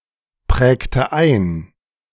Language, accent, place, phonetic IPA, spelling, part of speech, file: German, Germany, Berlin, [ˌpʁɛːktə ˈaɪ̯n], prägte ein, verb, De-prägte ein.ogg
- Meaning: inflection of einprägen: 1. first/third-person singular preterite 2. first/third-person singular subjunctive II